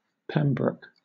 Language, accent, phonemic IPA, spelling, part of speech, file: English, Southern England, /ˈpɛmbɹʊk/, Pembroke, proper noun, LL-Q1860 (eng)-Pembroke.wav
- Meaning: A town and community with a town council in Pembrokeshire, Wales (OS grid ref SM9801)